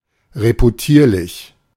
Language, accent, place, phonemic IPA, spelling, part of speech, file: German, Germany, Berlin, /ʁepuˈtiːɐ̯lɪç/, reputierlich, adjective, De-reputierlich.ogg
- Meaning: reputable, honorable